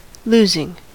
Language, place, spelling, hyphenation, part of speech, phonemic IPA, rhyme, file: English, California, losing, los‧ing, verb / adjective / noun, /ˈluzɪŋ/, -uːzɪŋ, En-us-losing.ogg
- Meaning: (verb) present participle and gerund of lose; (adjective) That loses or has lost; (noun) The process by which something is lost; a loss